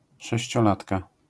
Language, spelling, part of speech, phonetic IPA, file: Polish, sześciolatka, noun, [ˌʃɛɕt͡ɕɔˈlatka], LL-Q809 (pol)-sześciolatka.wav